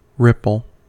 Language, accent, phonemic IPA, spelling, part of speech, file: English, US, /ˈɹɪp(ə)l/, ripple, noun / verb, En-us-ripple.ogg
- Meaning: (noun) 1. A moving disturbance, or undulation, in the surface of a fluid 2. One of a series of corrugations in flat surface 3. A sound similar to that of undulating water